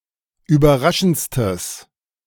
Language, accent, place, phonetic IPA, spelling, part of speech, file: German, Germany, Berlin, [yːbɐˈʁaʃn̩t͡stəs], überraschendstes, adjective, De-überraschendstes.ogg
- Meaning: strong/mixed nominative/accusative neuter singular superlative degree of überraschend